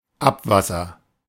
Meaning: 1. wastewater 2. water contaminated from human usage; sewage
- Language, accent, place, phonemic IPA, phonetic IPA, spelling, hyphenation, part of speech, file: German, Germany, Berlin, /ˈapˌvasəʁ/, [ˈʔapˌvasɐ], Abwasser, Ab‧was‧ser, noun, De-Abwasser.ogg